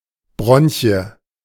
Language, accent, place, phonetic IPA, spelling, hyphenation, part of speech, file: German, Germany, Berlin, [ˈbʀɔnçi̯ə], Bronchie, Bron‧chie, noun, De-Bronchie.ogg
- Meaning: bronchus